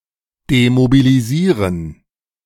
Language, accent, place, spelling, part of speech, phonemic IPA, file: German, Germany, Berlin, demobilisieren, verb, /ˌdemobiliˈziːʁən/, De-demobilisieren.ogg
- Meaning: to demobilize